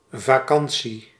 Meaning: 1. a holiday, vacation 2. an easy, carefree time
- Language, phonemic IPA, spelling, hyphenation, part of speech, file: Dutch, /vaːˈkɑn.(t)si/, vakantie, va‧kan‧tie, noun, Nl-vakantie.ogg